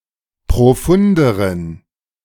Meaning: inflection of profund: 1. strong genitive masculine/neuter singular comparative degree 2. weak/mixed genitive/dative all-gender singular comparative degree
- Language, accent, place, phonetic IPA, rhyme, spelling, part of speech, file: German, Germany, Berlin, [pʁoˈfʊndəʁən], -ʊndəʁən, profunderen, adjective, De-profunderen.ogg